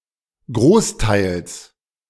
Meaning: genitive singular of Großteil
- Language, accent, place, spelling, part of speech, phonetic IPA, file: German, Germany, Berlin, Großteils, noun, [ˈɡʁoːsˌtaɪ̯ls], De-Großteils.ogg